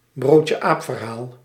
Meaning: an urban legend (false anecdotal story presented as true)
- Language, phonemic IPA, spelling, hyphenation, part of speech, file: Dutch, /broːt.jəˈaːp.vərˌɦaːl/, broodjeaapverhaal, brood‧je‧aap‧ver‧haal, noun, Nl-broodjeaapverhaal.ogg